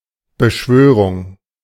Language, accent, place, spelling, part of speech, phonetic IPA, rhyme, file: German, Germany, Berlin, Beschwörung, noun, [bəˈʃvøːʁʊŋ], -øːʁʊŋ, De-Beschwörung.ogg
- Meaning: evocation